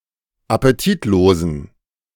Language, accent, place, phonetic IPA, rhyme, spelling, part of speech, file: German, Germany, Berlin, [apeˈtiːtˌloːzn̩], -iːtloːzn̩, appetitlosen, adjective, De-appetitlosen.ogg
- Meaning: inflection of appetitlos: 1. strong genitive masculine/neuter singular 2. weak/mixed genitive/dative all-gender singular 3. strong/weak/mixed accusative masculine singular 4. strong dative plural